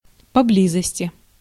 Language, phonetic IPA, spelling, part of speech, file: Russian, [pɐˈblʲizəsʲtʲɪ], поблизости, adverb, Ru-поблизости.ogg
- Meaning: nearby (close to)